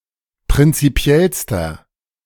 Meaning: inflection of prinzipiell: 1. strong/mixed nominative masculine singular superlative degree 2. strong genitive/dative feminine singular superlative degree 3. strong genitive plural superlative degree
- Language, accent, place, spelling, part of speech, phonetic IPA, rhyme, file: German, Germany, Berlin, prinzipiellster, adjective, [pʁɪnt͡siˈpi̯ɛlstɐ], -ɛlstɐ, De-prinzipiellster.ogg